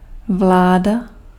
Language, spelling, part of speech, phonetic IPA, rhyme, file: Czech, vláda, noun, [ˈvlaːda], -aːda, Cs-vláda.ogg
- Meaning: 1. government (political body) 2. rule, reign 3. control